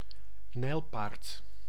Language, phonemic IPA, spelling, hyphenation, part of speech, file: Dutch, /ˈnɛi̯lˌpaːrt/, nijlpaard, nijl‧paard, noun, Nl-nijlpaard.ogg
- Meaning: 1. common hippopotamus (Hippopotamus amphibius) 2. hippopotamus, any of the Hippopotamidae